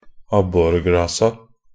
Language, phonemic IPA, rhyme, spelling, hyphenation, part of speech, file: Norwegian Bokmål, /ˈabːɔrɡrɑːsa/, -ɑːsa, abborgrasa, ab‧bor‧gra‧sa, noun, Nb-abborgrasa.ogg
- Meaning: definite plural of abborgras